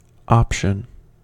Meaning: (noun) 1. One of a set of choices that can be made 2. The freedom or right to choose
- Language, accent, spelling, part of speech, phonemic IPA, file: English, US, option, noun / verb, /ˈɑpʃən/, En-us-option.ogg